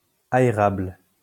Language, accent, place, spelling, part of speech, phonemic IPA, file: French, France, Lyon, aérable, adjective, /a.e.ʁabl/, LL-Q150 (fra)-aérable.wav
- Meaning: aeratable